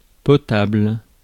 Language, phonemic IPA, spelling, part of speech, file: French, /pɔ.tabl/, potable, adjective, Fr-potable.ogg
- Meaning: 1. potable 2. OK, passable